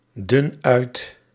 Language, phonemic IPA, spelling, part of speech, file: Dutch, /ˈdʏn ˈœyt/, dun uit, verb, Nl-dun uit.ogg
- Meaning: inflection of uitdunnen: 1. first-person singular present indicative 2. second-person singular present indicative 3. imperative